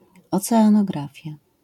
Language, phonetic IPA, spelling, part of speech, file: Polish, [ˌɔt͡sɛãnɔˈɡrafʲja], oceanografia, noun, LL-Q809 (pol)-oceanografia.wav